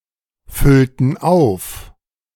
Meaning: inflection of auffüllen: 1. first/third-person plural preterite 2. first/third-person plural subjunctive II
- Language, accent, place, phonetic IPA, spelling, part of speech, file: German, Germany, Berlin, [ˌfʏltn̩ ˈaʊ̯f], füllten auf, verb, De-füllten auf.ogg